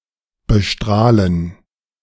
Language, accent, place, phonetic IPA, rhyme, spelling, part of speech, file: German, Germany, Berlin, [bəˈʃtʁaːlən], -aːlən, bestrahlen, verb, De-bestrahlen.ogg
- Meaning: to irradiate